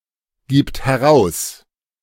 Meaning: third-person singular present of herausgeben
- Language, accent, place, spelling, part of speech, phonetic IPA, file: German, Germany, Berlin, gibt heraus, verb, [ˌɡiːpt hɛˈʁaʊ̯s], De-gibt heraus.ogg